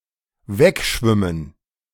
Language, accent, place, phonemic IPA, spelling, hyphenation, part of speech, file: German, Germany, Berlin, /ˈvɛkˌʃvɪmən/, wegschwimmen, weg‧schwim‧men, verb, De-wegschwimmen.ogg
- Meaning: to swim away